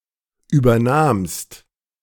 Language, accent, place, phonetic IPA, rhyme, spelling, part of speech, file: German, Germany, Berlin, [ˌʔyːbɐˈnaːmst], -aːmst, übernahmst, verb, De-übernahmst.ogg
- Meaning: second-person singular preterite of übernehmen